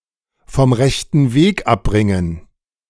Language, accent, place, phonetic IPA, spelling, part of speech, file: German, Germany, Berlin, [fɔm ˌʁɛçtən ˈveːk ˈapˌbʁɪŋən], vom rechten Weg abbringen, verb, De-vom rechten Weg abbringen.ogg
- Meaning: to lead astray